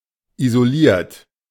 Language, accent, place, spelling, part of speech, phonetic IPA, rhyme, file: German, Germany, Berlin, isoliert, verb, [izoˈliːɐ̯t], -iːɐ̯t, De-isoliert.ogg
- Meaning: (verb) past participle of isolieren; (adjective) insulated; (verb) inflection of isolieren: 1. third-person singular present 2. second-person plural present 3. plural imperative